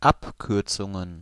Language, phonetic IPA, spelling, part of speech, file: German, [ˈapˌkʏʁt͡sʊŋən], Abkürzungen, noun, De-Abkürzungen.ogg
- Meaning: plural of Abkürzung